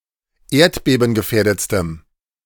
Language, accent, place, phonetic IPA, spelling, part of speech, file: German, Germany, Berlin, [ˈeːɐ̯tbeːbn̩ɡəˌfɛːɐ̯dət͡stəm], erdbebengefährdetstem, adjective, De-erdbebengefährdetstem.ogg
- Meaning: strong dative masculine/neuter singular superlative degree of erdbebengefährdet